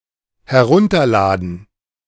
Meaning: to download (to transfer data from a remote computer to a local one)
- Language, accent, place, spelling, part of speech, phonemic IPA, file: German, Germany, Berlin, herunterladen, verb, /hɛˈʁʊntɐˌlaːdən/, De-herunterladen.ogg